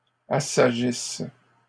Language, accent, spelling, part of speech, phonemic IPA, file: French, Canada, assagissent, verb, /a.sa.ʒis/, LL-Q150 (fra)-assagissent.wav
- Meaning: inflection of assagir: 1. third-person plural present indicative/subjunctive 2. third-person plural imperfect subjunctive